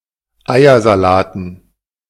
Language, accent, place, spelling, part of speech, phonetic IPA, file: German, Germany, Berlin, Eiersalaten, noun, [ˈaɪ̯ɐzaˌlaːtn̩], De-Eiersalaten.ogg
- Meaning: dative plural of Eiersalat